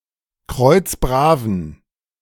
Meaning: inflection of kreuzbrav: 1. strong genitive masculine/neuter singular 2. weak/mixed genitive/dative all-gender singular 3. strong/weak/mixed accusative masculine singular 4. strong dative plural
- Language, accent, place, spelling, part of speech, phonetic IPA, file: German, Germany, Berlin, kreuzbraven, adjective, [ˈkʁɔɪ̯t͡sˈbʁaːvən], De-kreuzbraven.ogg